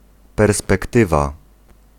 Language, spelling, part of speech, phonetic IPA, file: Polish, perspektywa, noun, [ˌpɛrspɛkˈtɨva], Pl-perspektywa.ogg